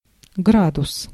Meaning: 1. degree 2. grade
- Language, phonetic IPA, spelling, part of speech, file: Russian, [ˈɡradʊs], градус, noun, Ru-градус.ogg